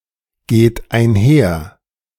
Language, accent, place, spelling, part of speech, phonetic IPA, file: German, Germany, Berlin, geht einher, verb, [ˌɡeːt aɪ̯nˈhɛɐ̯], De-geht einher.ogg
- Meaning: second-person plural present of einhergehen